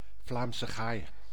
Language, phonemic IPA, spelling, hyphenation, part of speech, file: Dutch, /ˌvlaːmsə ˈɣaːi̯/, Vlaamse gaai, Vlaam‧se gaai, noun, Nl-Vlaamse gaai.ogg
- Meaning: Eurasian jay (Garrulus glandarius)